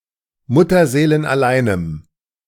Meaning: strong dative masculine/neuter singular of mutterseelenallein
- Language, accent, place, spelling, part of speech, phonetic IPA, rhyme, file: German, Germany, Berlin, mutterseelenalleinem, adjective, [ˌmʊtɐzeːlənʔaˈlaɪ̯nəm], -aɪ̯nəm, De-mutterseelenalleinem.ogg